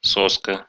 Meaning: 1. teat, nipple (rubber nipple attached to a bottle to feed an infant) 2. pacifier, dummy 3. cocksucker 4. inexperienced, stupid girl or twink
- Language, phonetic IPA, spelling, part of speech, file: Russian, [ˈsoskə], соска, noun, Ru-со́ска.ogg